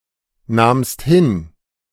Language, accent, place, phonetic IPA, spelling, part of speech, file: German, Germany, Berlin, [ˌnaːmst ˈhɪn], nahmst hin, verb, De-nahmst hin.ogg
- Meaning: second-person singular preterite of hinnehmen